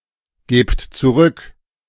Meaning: inflection of zurückgeben: 1. second-person plural present 2. plural imperative
- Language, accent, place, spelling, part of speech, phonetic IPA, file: German, Germany, Berlin, gebt zurück, verb, [ˌɡeːpt t͡suˈʁʏk], De-gebt zurück.ogg